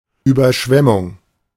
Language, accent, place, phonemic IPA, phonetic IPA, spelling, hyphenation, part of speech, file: German, Germany, Berlin, /ˌyːbərˈʃvɛmʊŋ/, [ˌʔyːbɐˈʃʋɛmʊŋ], Überschwemmung, Über‧schwem‧mung, noun, De-Überschwemmung.ogg
- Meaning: flooding; flood; overflow of a body of water